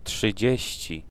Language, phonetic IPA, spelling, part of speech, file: Polish, [ṭʃɨˈd͡ʑɛ̇ɕt͡ɕi], trzydzieści, adjective, Pl-trzydzieści.ogg